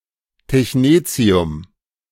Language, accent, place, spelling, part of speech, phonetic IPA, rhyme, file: German, Germany, Berlin, Technetium, noun, [tɛçˈneːt͡si̯ʊm], -eːt͡si̯ʊm, De-Technetium.ogg
- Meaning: technetium